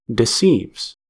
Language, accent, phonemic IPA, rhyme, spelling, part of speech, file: English, US, /dɪˈsiːvz/, -iːvz, deceives, verb, En-us-deceives.ogg
- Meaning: third-person singular simple present indicative of deceive